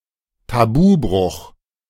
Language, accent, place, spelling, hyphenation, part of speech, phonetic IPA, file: German, Germany, Berlin, Tabubruch, Tabu‧bruch, noun, [taˈbuːˌbʁʊx], De-Tabubruch.ogg
- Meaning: breach of taboo